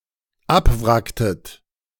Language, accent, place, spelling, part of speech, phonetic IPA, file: German, Germany, Berlin, abwracktet, verb, [ˈapˌvʁaktət], De-abwracktet.ogg
- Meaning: inflection of abwracken: 1. second-person plural dependent preterite 2. second-person plural dependent subjunctive II